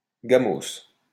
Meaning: hooptie, whip
- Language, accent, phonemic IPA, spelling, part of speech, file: French, France, /ɡa.mos/, gamos, noun, LL-Q150 (fra)-gamos.wav